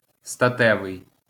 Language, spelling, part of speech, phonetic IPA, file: Ukrainian, статевий, adjective, [stɐˈtɛʋei̯], LL-Q8798 (ukr)-статевий.wav
- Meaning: sexual